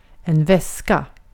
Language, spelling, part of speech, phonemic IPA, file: Swedish, väska, noun, /²vɛsːka/, Sv-väska.ogg
- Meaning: a bag (for carrying belongings, etc., usually able to be opened and closed and with a handle or strap)